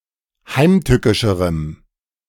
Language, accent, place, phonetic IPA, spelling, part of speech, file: German, Germany, Berlin, [ˈhaɪ̯mˌtʏkɪʃəʁəm], heimtückischerem, adjective, De-heimtückischerem.ogg
- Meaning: strong dative masculine/neuter singular comparative degree of heimtückisch